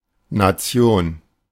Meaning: 1. nation (community of people) 2. nation (a sovereign state)
- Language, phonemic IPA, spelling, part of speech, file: German, /na.ˈt͡si̯oːn/, Nation, noun, De-Nation.oga